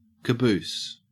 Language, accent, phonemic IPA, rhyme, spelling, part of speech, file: English, Australia, /kəˈbuːs/, -uːs, caboose, noun, En-au-caboose.ogg
- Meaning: 1. A small galley or cookhouse on the deck of a small vessel 2. A small sand-filled container used as an oven on board ship